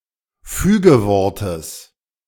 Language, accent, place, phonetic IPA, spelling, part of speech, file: German, Germany, Berlin, [ˈfyːɡəˌvɔʁtəs], Fügewortes, noun, De-Fügewortes.ogg
- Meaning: genitive of Fügewort